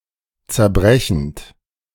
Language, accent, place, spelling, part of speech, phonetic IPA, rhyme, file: German, Germany, Berlin, zerbrechend, verb, [t͡sɛɐ̯ˈbʁɛçn̩t], -ɛçn̩t, De-zerbrechend.ogg
- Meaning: present participle of zerbrechen